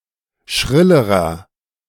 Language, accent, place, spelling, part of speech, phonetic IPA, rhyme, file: German, Germany, Berlin, schrillerer, adjective, [ˈʃʁɪləʁɐ], -ɪləʁɐ, De-schrillerer.ogg
- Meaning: inflection of schrill: 1. strong/mixed nominative masculine singular comparative degree 2. strong genitive/dative feminine singular comparative degree 3. strong genitive plural comparative degree